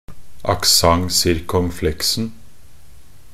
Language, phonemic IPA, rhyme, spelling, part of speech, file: Norwegian Bokmål, /akˈsaŋ.sɪrkɔŋˈflɛksn̩/, -ɛksn̩, accent circonflexen, noun, Nb-accent circonflexen.ogg
- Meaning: definite singular of accent circonflexe